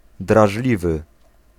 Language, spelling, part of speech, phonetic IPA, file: Polish, drażliwy, adjective, [draʒˈlʲivɨ], Pl-drażliwy.ogg